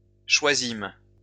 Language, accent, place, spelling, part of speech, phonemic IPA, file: French, France, Lyon, choisîmes, verb, /ʃwa.zim/, LL-Q150 (fra)-choisîmes.wav
- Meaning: first-person plural past historic of choisir